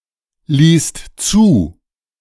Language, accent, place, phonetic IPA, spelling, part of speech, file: German, Germany, Berlin, [ˌliːst ˈt͡suː], ließt zu, verb, De-ließt zu.ogg
- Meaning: second-person singular/plural preterite of zulassen